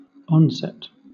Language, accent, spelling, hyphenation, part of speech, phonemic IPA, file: English, Southern England, onset, on‧set, noun / verb, /ˈɒnˌsɛt/, LL-Q1860 (eng)-onset.wav
- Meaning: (noun) 1. The initial phase of a disease or condition, in which symptoms first become apparent 2. The initial portion of a syllable, preceding the syllable nucleus